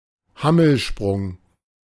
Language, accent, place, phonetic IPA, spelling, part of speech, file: German, Germany, Berlin, [ˈhaml̩ˌʃpʁʊŋ], Hammelsprung, noun, De-Hammelsprung.ogg
- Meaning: A way of voting, functionally comparable to a division in the UK parliament, where the members or delegates leave the hall and re-enter it through three doors marked as aye, nay, and abstention